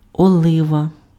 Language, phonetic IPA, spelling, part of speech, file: Ukrainian, [ɔˈɫɪʋɐ], олива, noun, Uk-олива.ogg
- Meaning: 1. olive (tree and fruit) 2. olive (color/colour) 3. a kind of olive oil used as lubricant or fuel, lampante olive oil 4. mineral oil